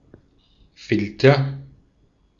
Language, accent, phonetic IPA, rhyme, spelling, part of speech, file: German, Austria, [ˈfɪltɐ], -ɪltɐ, Filter, noun, De-at-Filter.ogg
- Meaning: filter